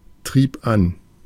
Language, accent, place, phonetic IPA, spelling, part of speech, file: German, Germany, Berlin, [ˌtʁiːp ˈan], trieb an, verb, De-trieb an.ogg
- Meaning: first/third-person singular preterite of antreiben